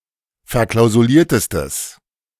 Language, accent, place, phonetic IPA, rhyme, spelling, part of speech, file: German, Germany, Berlin, [fɛɐ̯ˌklaʊ̯zuˈliːɐ̯təstəs], -iːɐ̯təstəs, verklausuliertestes, adjective, De-verklausuliertestes.ogg
- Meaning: strong/mixed nominative/accusative neuter singular superlative degree of verklausuliert